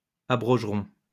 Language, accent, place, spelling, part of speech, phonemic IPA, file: French, France, Lyon, abrogeront, verb, /a.bʁɔʒ.ʁɔ̃/, LL-Q150 (fra)-abrogeront.wav
- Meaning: third-person plural simple future of abroger